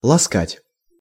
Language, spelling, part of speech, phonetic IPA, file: Russian, ласкать, verb, [ɫɐˈskatʲ], Ru-ласкать.ogg
- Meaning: to caress (touch, kiss or stroke lovingly)